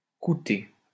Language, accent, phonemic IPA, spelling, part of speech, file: French, France, /ku.te/, couter, verb, LL-Q150 (fra)-couter.wav
- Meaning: post-1990 spelling of coûter